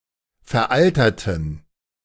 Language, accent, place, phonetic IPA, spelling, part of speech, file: German, Germany, Berlin, [fɛɐ̯ˈʔaltɐtn̩], veralterten, adjective, De-veralterten.ogg
- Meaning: inflection of veraltert: 1. strong genitive masculine/neuter singular 2. weak/mixed genitive/dative all-gender singular 3. strong/weak/mixed accusative masculine singular 4. strong dative plural